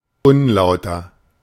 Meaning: 1. unfair, insincere 2. dishonest
- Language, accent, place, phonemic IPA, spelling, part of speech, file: German, Germany, Berlin, /ˈʊnˌlaʊ̯tɐ/, unlauter, adjective, De-unlauter.ogg